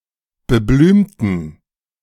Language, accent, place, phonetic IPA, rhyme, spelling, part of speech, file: German, Germany, Berlin, [bəˈblyːmtn̩], -yːmtn̩, beblümten, adjective, De-beblümten.ogg
- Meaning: inflection of beblümt: 1. strong genitive masculine/neuter singular 2. weak/mixed genitive/dative all-gender singular 3. strong/weak/mixed accusative masculine singular 4. strong dative plural